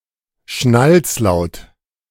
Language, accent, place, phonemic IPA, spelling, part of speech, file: German, Germany, Berlin, /ˈʃnalt͡sˌlaʊ̯t/, Schnalzlaut, noun, De-Schnalzlaut.ogg
- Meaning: click